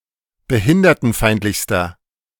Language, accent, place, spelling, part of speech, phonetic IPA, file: German, Germany, Berlin, behindertenfeindlichster, adjective, [bəˈhɪndɐtn̩ˌfaɪ̯ntlɪçstɐ], De-behindertenfeindlichster.ogg
- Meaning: inflection of behindertenfeindlich: 1. strong/mixed nominative masculine singular superlative degree 2. strong genitive/dative feminine singular superlative degree